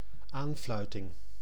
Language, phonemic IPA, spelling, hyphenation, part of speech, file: Dutch, /ˈaːnˌflœy̯.tɪŋ/, aanfluiting, aan‧flui‧ting, noun, Nl-aanfluiting.ogg
- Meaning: disgrace, travesty, joke